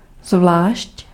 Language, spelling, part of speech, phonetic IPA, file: Czech, zvlášť, adverb / conjunction, [ˈzvlaːʃc], Cs-zvlášť.ogg
- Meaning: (adverb) separately; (conjunction) especially